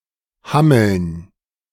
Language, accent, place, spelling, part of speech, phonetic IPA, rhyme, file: German, Germany, Berlin, Hammeln, noun, [ˈhaml̩n], -aml̩n, De-Hammeln.ogg
- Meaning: dative plural of Hammel